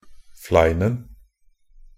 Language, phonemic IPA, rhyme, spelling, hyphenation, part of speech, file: Norwegian Bokmål, /ˈflæɪnn̩/, -æɪnn̩, fleinen, flein‧en, noun, Nb-fleinen.ogg
- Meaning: 1. definite singular of flein (=a layer of hard ice crust on the ground) 2. definite singular of flein (=an arrow with a barb)